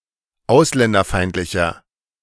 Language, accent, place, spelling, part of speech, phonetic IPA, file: German, Germany, Berlin, ausländerfeindlicher, adjective, [ˈaʊ̯slɛndɐˌfaɪ̯ntlɪçɐ], De-ausländerfeindlicher.ogg
- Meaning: 1. comparative degree of ausländerfeindlich 2. inflection of ausländerfeindlich: strong/mixed nominative masculine singular